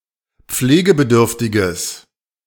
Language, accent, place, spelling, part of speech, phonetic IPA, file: German, Germany, Berlin, pflegebedürftiges, adjective, [ˈp͡fleːɡəbəˌdʏʁftɪɡəs], De-pflegebedürftiges.ogg
- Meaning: strong/mixed nominative/accusative neuter singular of pflegebedürftig